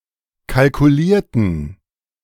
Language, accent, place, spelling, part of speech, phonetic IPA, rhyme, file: German, Germany, Berlin, kalkulierten, adjective / verb, [kalkuˈliːɐ̯tn̩], -iːɐ̯tn̩, De-kalkulierten.ogg
- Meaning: inflection of kalkulieren: 1. first/third-person plural preterite 2. first/third-person plural subjunctive II